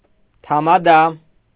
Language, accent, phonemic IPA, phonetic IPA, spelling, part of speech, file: Armenian, Eastern Armenian, /tʰɑmɑˈdɑ/, [tʰɑmɑdɑ́], թամադա, noun, Hy-թամադա.ogg
- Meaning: tamada